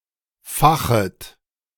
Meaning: second-person plural subjunctive I of fachen
- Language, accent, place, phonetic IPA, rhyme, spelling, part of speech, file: German, Germany, Berlin, [ˈfaxət], -axət, fachet, verb, De-fachet.ogg